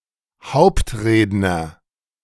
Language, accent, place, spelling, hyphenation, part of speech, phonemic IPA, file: German, Germany, Berlin, Hauptredner, Haupt‧red‧ner, noun, /ˈhaʊ̯ptˌʁeːdnɐ/, De-Hauptredner.ogg
- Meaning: main speaker, keynote speaker